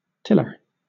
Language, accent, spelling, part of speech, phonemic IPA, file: English, Southern England, tiller, noun / verb, /ˈtɪlə/, LL-Q1860 (eng)-tiller.wav
- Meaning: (noun) 1. A person who tills; a farmer 2. A machine that mechanically tills the soil 3. A young tree